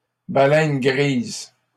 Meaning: gray whale
- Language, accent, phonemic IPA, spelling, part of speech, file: French, Canada, /ba.lɛn ɡʁiz/, baleine grise, noun, LL-Q150 (fra)-baleine grise.wav